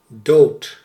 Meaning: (adjective) dead; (adverb) a lot; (noun) death; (verb) inflection of doden: 1. first-person singular present indicative 2. second-person singular present indicative 3. imperative
- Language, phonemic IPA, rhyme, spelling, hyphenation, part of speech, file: Dutch, /doːt/, -oːt, dood, dood, adjective / adverb / noun / verb, Nl-dood.ogg